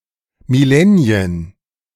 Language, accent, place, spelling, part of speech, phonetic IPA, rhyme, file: German, Germany, Berlin, Millennien, noun, [mɪˈlɛni̯ən], -ɛni̯ən, De-Millennien.ogg
- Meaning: plural of Millennium